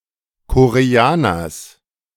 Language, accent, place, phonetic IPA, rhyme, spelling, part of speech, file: German, Germany, Berlin, [koʁeˈaːnɐs], -aːnɐs, Koreaners, noun, De-Koreaners.ogg
- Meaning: genitive singular of Koreaner